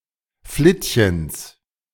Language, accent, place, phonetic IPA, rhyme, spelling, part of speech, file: German, Germany, Berlin, [ˈflɪtçəns], -ɪtçəns, Flittchens, noun, De-Flittchens.ogg
- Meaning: genitive singular of Flittchen